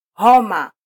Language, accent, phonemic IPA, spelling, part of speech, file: Swahili, Kenya, /ˈhɔ.mɑ/, homa, noun, Sw-ke-homa.flac
- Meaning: 1. fever 2. any illness or infection